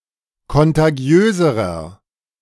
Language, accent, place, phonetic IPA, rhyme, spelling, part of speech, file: German, Germany, Berlin, [kɔntaˈɡi̯øːzəʁɐ], -øːzəʁɐ, kontagiöserer, adjective, De-kontagiöserer.ogg
- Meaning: inflection of kontagiös: 1. strong/mixed nominative masculine singular comparative degree 2. strong genitive/dative feminine singular comparative degree 3. strong genitive plural comparative degree